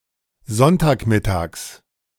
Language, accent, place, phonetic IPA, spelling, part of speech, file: German, Germany, Berlin, [ˈzɔntaːkˌmɪtaːks], Sonntagmittags, noun, De-Sonntagmittags.ogg
- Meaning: genitive of Sonntagmittag